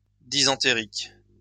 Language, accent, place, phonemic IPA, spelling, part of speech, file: French, France, Lyon, /di.sɑ̃.te.ʁik/, dysentérique, noun, LL-Q150 (fra)-dysentérique.wav
- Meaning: dysenteric